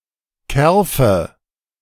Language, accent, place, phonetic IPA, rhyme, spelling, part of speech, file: German, Germany, Berlin, [ˈkɛʁfə], -ɛʁfə, Kerfe, noun, De-Kerfe.ogg
- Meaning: nominative/accusative/genitive plural of Kerf